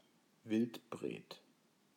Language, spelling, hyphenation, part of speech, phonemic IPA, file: German, Wildbret, Wild‧bret, noun, /ˈvɪltˌbʁeːt/, De-Wildbret.ogg
- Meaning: meat from game; venison